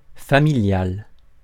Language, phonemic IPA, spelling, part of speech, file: French, /fa.mi.ljal/, familial, adjective, Fr-familial.ogg
- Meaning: family; familial